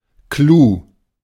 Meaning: the most important or most interesting part of something: 1. a special feature, trick, secret 2. point (of a story), (less often) punchline (of a joke) 3. highlight
- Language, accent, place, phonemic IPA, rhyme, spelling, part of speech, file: German, Germany, Berlin, /kluː/, -uː, Clou, noun, De-Clou.ogg